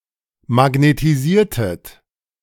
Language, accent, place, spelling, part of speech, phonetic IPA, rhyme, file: German, Germany, Berlin, magnetisiertet, verb, [maɡnetiˈziːɐ̯tət], -iːɐ̯tət, De-magnetisiertet.ogg
- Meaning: inflection of magnetisieren: 1. second-person plural preterite 2. second-person plural subjunctive II